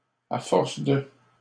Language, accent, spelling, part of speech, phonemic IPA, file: French, Canada, à force de, preposition, /a fɔʁ.s(ə) də/, LL-Q150 (fra)-à force de.wav
- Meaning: 1. by repeated action of 2. because of, thanks to, due to